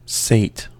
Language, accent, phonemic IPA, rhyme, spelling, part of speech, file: English, US, /seɪt/, -eɪt, sate, verb / noun, En-us-sate.ogg
- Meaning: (verb) 1. To satisfy the appetite or desire of; to fill up 2. simple past of sit 3. past participle of sit; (noun) satay